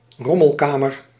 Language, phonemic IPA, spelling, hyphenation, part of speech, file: Dutch, /ˈrɔ.məlˌkaː.mər/, rommelkamer, rom‧mel‧ka‧mer, noun, Nl-rommelkamer.ogg
- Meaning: a junkroom